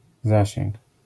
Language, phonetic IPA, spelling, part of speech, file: Polish, [ˈzaɕɛ̃ŋk], zasięg, noun, LL-Q809 (pol)-zasięg.wav